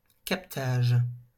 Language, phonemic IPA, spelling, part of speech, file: French, /kap.taʒ/, captage, noun, LL-Q150 (fra)-captage.wav
- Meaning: 1. capture 2. harnessing (of energy) 3. picking up (of a radio station)